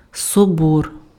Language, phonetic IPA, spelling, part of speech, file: Ukrainian, [sɔˈbɔr], собор, noun, Uk-собор.ogg
- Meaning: 1. cathedral, home church of a bishop 2. council, diet 3. catholicon, large urban church even if not a cathedral